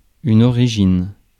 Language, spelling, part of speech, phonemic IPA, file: French, origine, noun / verb, /ɔ.ʁi.ʒin/, Fr-origine.ogg
- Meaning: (noun) 1. origin (start place) 2. origin (place of creation) 3. start, beginning 4. origin; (verb) inflection of originer: first/third-person singular present indicative/subjunctive